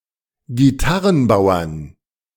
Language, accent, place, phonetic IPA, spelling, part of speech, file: German, Germany, Berlin, [ɡiˈtaʁənˌbaʊ̯ɐn], Gitarrenbauern, noun, De-Gitarrenbauern.ogg
- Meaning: dative plural of Gitarrenbauer